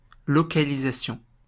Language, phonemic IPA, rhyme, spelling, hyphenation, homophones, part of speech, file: French, /lɔ.ka.li.za.sjɔ̃/, -ɔ̃, localisation, lo‧ca‧li‧sa‧tion, localisations, noun, LL-Q150 (fra)-localisation.wav
- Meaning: localization